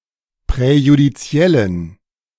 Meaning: inflection of präjudiziell: 1. strong genitive masculine/neuter singular 2. weak/mixed genitive/dative all-gender singular 3. strong/weak/mixed accusative masculine singular 4. strong dative plural
- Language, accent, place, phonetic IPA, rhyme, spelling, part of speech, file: German, Germany, Berlin, [pʁɛjudiˈt͡si̯ɛlən], -ɛlən, präjudiziellen, adjective, De-präjudiziellen.ogg